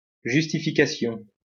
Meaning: justification (reason, excuse, etc.)
- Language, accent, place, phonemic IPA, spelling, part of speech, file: French, France, Lyon, /ʒys.ti.fi.ka.sjɔ̃/, justification, noun, LL-Q150 (fra)-justification.wav